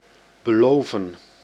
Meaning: to promise
- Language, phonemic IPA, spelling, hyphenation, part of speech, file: Dutch, /bəˈloːvə(n)/, beloven, be‧lo‧ven, verb, Nl-beloven.ogg